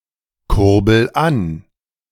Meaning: inflection of ankurbeln: 1. first-person singular present 2. singular imperative
- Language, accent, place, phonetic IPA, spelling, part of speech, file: German, Germany, Berlin, [ˌkʊʁbl̩ ˈan], kurbel an, verb, De-kurbel an.ogg